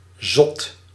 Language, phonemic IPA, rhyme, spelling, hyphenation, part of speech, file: Dutch, /zɔt/, -ɔt, zot, zot, adjective / noun, Nl-zot.ogg
- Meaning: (adjective) crazy, mad; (noun) a fool